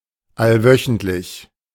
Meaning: weekly
- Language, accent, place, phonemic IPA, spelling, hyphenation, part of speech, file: German, Germany, Berlin, /ˈalˌvœçn̩tlɪç/, allwöchentlich, all‧wö‧chent‧lich, adjective, De-allwöchentlich.ogg